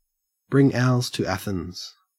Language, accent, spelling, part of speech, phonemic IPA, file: English, Australia, bring owls to Athens, verb, /bɹɪŋ ˈaʊlz tu ˈæ.θɪnz/, En-au-bring owls to Athens.ogg
- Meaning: To undertake a pointless venture, one that is redundant, unnecessary, superfluous, or highly uneconomical